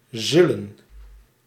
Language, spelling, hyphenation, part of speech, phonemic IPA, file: Dutch, zullen, zul‧len, verb, /ˈzʏ.lə(n)/, Nl-zullen.ogg
- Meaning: 1. used to form the future tense of a verb, together with an infinitive; will, going to 2. used to form the conditional mood of a verb, together with an infinitive; would